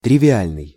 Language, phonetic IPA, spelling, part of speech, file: Russian, [trʲɪvʲɪˈalʲnɨj], тривиальный, adjective, Ru-тривиальный.ogg
- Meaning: 1. trivial (common, ordinary) 2. obvious 3. hackneyed 4. truistic 5. cut and dried